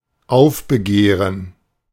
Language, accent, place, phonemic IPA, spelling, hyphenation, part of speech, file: German, Germany, Berlin, /ˈaʊ̯fbəˌɡeːʁən/, aufbegehren, auf‧be‧geh‧ren, verb, De-aufbegehren.ogg
- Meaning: to rebel, resist